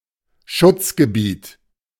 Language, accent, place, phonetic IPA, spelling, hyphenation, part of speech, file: German, Germany, Berlin, [ˈʃʊt͡sɡəˌbiːt], Schutzgebiet, Schutz‧ge‧biet, noun, De-Schutzgebiet.ogg
- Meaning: 1. protectorate, dependency 2. sanctuary, reserve